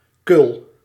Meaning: 1. testicle 2. marble (small ball used in various games) 3. loser, wuss, wimp 4. nonsense, rubbish
- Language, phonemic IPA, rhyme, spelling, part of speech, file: Dutch, /kʏl/, -ʏl, kul, noun, Nl-kul.ogg